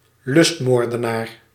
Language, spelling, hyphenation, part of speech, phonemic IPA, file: Dutch, lustmoordenaar, lust‧moor‧de‧naar, noun, /ˈlʏstˌmoːr.də.naːr/, Nl-lustmoordenaar.ogg
- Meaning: a (usually male) murderer with a sexual motive